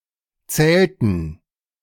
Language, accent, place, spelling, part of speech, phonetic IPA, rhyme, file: German, Germany, Berlin, zählten, verb, [ˈt͡sɛːltn̩], -ɛːltn̩, De-zählten.ogg
- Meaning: inflection of zählen: 1. first/third-person plural preterite 2. first/third-person plural subjunctive II